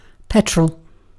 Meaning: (noun) 1. A fluid consisting of a mixture of refined petroleum hydrocarbons, primarily consisting of octane, commonly used as a motor fuel 2. A motor vehicle powered by petrol (as opposed to diesel)
- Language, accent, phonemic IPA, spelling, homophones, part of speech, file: English, UK, /ˈpɛt.ɹəl/, petrol, petrel, noun / verb, En-uk-petrol.ogg